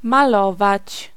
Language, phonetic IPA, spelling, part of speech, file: Polish, [maˈlɔvat͡ɕ], malować, verb, Pl-malować.ogg